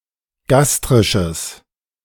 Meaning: strong/mixed nominative/accusative neuter singular of gastrisch
- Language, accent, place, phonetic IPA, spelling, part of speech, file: German, Germany, Berlin, [ˈɡastʁɪʃəs], gastrisches, adjective, De-gastrisches.ogg